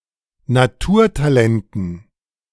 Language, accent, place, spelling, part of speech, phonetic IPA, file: German, Germany, Berlin, Naturtalenten, noun, [naˈtuːɐ̯taˌlɛntn̩], De-Naturtalenten.ogg
- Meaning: dative plural of Naturtalent